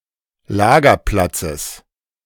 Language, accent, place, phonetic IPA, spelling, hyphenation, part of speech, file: German, Germany, Berlin, [ˈlaːɡɐˌplatsəs], Lagerplatzes, La‧ger‧plat‧zes, noun, De-Lagerplatzes.ogg
- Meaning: genitive singular of Lagerplatz